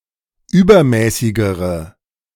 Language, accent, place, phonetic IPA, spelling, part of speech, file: German, Germany, Berlin, [ˈyːbɐˌmɛːsɪɡəʁə], übermäßigere, adjective, De-übermäßigere.ogg
- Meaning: inflection of übermäßig: 1. strong/mixed nominative/accusative feminine singular comparative degree 2. strong nominative/accusative plural comparative degree